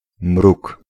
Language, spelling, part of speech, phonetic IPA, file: Polish, mruk, noun, [mruk], Pl-mruk.ogg